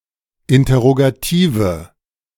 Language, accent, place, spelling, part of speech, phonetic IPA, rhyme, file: German, Germany, Berlin, interrogative, adjective, [ˌɪntɐʁoɡaˈtiːvə], -iːvə, De-interrogative.ogg
- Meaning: inflection of interrogativ: 1. strong/mixed nominative/accusative feminine singular 2. strong nominative/accusative plural 3. weak nominative all-gender singular